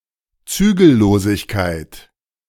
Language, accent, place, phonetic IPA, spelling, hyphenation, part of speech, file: German, Germany, Berlin, [ˈt͡syːɡl̩ˌloːzɪçkaɪ̯t], Zügellosigkeit, Zü‧gel‧lo‧sig‧keit, noun, De-Zügellosigkeit.ogg
- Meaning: 1. lawlessness 2. intemperance